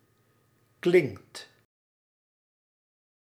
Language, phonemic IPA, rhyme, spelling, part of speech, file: Dutch, /klɪŋkt/, -ɪŋkt, klinkt, verb, Nl-klinkt.ogg
- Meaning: inflection of klinken: 1. second/third-person singular present indicative 2. plural imperative